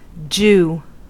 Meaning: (verb) Alternative letter-case form of Jew; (noun) 1. The jewfish 2. Alternative letter-case form of Jew (“a Jewish person”); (phrase) Pronunciation spelling of d' you, representing colloquial English
- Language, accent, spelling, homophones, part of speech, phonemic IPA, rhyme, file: English, US, jew, Jew / dew, verb / noun / phrase, /d͡ʒuː/, -uː, En-us-jew.ogg